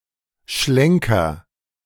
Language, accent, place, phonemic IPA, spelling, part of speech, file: German, Germany, Berlin, /ˈʃlɛŋkɐ/, Schlenker, noun, De-Schlenker.ogg
- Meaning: 1. swerve (abrupt movement, especially of a vehicle) 2. detour